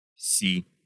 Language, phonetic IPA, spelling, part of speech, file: Russian, [sʲi], си, noun, Ru-си.ogg
- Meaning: 1. B (musical note) 2. ti (musical note) 3. C, c (letter of the Latin alphabet)